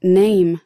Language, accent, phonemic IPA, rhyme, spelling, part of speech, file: English, US, /neɪm/, -eɪm, name, noun / verb, En-us-name.ogg
- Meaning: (noun) 1. Any nounal word or phrase which indicates a particular person, place, class, or thing 2. A reputation 3. An abusive or insulting epithet 4. A person (or legal person)